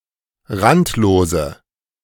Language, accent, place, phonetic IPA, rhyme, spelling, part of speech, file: German, Germany, Berlin, [ˈʁantloːzə], -antloːzə, randlose, adjective, De-randlose.ogg
- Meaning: inflection of randlos: 1. strong/mixed nominative/accusative feminine singular 2. strong nominative/accusative plural 3. weak nominative all-gender singular 4. weak accusative feminine/neuter singular